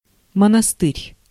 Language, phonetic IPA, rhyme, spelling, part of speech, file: Russian, [mənɐˈstɨrʲ], -ɨrʲ, монастырь, noun, Ru-монастырь.ogg
- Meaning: monastery, convent